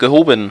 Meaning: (verb) past participle of heben; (adjective) 1. formal, elevated 2. lofty 3. upscale
- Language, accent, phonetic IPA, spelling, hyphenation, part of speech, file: German, Germany, [ɡəˈhoːbm̩], gehoben, ge‧ho‧ben, verb / adjective, De-gehoben.ogg